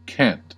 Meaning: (noun) 1. An argot, the jargon of a particular class or subgroup 2. A private or secret language used by a religious sect, gang, or other group 3. A language spoken by some Irish Travellers; Shelta
- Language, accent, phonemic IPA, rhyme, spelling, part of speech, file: English, US, /kænt/, -ænt, cant, noun / verb / adjective, En-us-cant.ogg